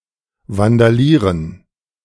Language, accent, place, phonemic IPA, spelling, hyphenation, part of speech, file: German, Germany, Berlin, /vandaˈliːʁən/, vandalieren, van‧da‧lie‧ren, verb, De-vandalieren.ogg
- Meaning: alternative form of vandalisieren